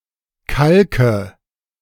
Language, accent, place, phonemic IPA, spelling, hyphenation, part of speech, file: German, Germany, Berlin, /ˈkalkə/, kalke, kal‧ke, verb, De-kalke.ogg
- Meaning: inflection of kalken: 1. first-person singular present 2. first/third-person singular subjunctive I 3. singular imperative